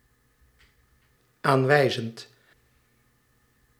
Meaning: present participle of aanwijzen
- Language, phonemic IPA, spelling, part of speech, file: Dutch, /ˈaɱwɛizənt/, aanwijzend, verb / adjective, Nl-aanwijzend.ogg